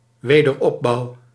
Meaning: reconstruction
- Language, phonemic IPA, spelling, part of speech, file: Dutch, /ˌwedərˈɔbɑu/, wederopbouw, noun, Nl-wederopbouw.ogg